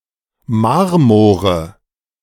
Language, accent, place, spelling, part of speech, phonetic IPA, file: German, Germany, Berlin, Marmore, noun, [ˈmaʁmoːʁə], De-Marmore.ogg
- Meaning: nominative/accusative/genitive plural of Marmor